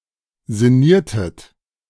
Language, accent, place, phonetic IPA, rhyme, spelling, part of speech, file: German, Germany, Berlin, [zɪˈniːɐ̯tət], -iːɐ̯tət, sinniertet, verb, De-sinniertet.ogg
- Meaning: inflection of sinnieren: 1. second-person plural preterite 2. second-person plural subjunctive II